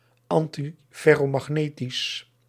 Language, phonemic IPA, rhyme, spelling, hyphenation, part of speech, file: Dutch, /ɑntifɛroːmɑxˈneːtis/, -eːtis, antiferromagnetisch, an‧ti‧fer‧ro‧mag‧ne‧tisch, adjective, Nl-antiferromagnetisch.ogg
- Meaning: antiferromagnetic